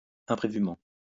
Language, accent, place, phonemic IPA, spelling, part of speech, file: French, France, Lyon, /ɛ̃.pʁe.vy.mɑ̃/, imprévument, adverb, LL-Q150 (fra)-imprévument.wav
- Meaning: unexpectedly, unforeseenly